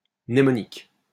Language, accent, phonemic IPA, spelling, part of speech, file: French, France, /mne.mɔ.nik/, mnémonique, adjective / noun, LL-Q150 (fra)-mnémonique.wav
- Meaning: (adjective) mnemonic (related to mnemonics); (noun) 1. mnemonic 2. mnemonics